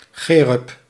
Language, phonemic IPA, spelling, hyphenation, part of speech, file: Dutch, /ˈxeː.rʏp/, cherub, che‧rub, noun, Nl-cherub.ogg
- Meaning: cherub: 1. lamassu-like angel 2. six-winged humanoid angel 3. putto